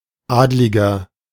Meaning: nobleman, noble, patrician, aristocrat (male or of unspecified gender)
- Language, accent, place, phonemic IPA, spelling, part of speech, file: German, Germany, Berlin, /ˈaːdlɪɡɐ/, Adliger, noun, De-Adliger.ogg